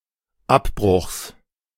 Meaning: genitive singular of Abbruch
- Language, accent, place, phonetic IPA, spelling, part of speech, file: German, Germany, Berlin, [ˈapˌbʁʊxs], Abbruchs, noun, De-Abbruchs.ogg